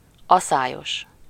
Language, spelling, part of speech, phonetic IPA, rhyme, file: Hungarian, aszályos, adjective, [ˈɒsaːjoʃ], -oʃ, Hu-aszályos.ogg
- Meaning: droughty (lacking rain)